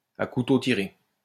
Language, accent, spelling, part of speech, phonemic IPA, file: French, France, à couteaux tirés, adjective, /a ku.to ti.ʁe/, LL-Q150 (fra)-à couteaux tirés.wav
- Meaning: at daggers drawn, at each other's throats